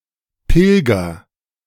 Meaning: inflection of pilgern: 1. first-person singular present 2. singular imperative
- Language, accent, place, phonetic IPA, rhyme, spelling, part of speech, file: German, Germany, Berlin, [ˈpɪlɡɐ], -ɪlɡɐ, pilger, verb, De-pilger.ogg